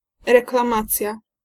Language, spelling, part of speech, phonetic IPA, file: Polish, reklamacja, noun, [ˌrɛklãˈmat͡sʲja], Pl-reklamacja.ogg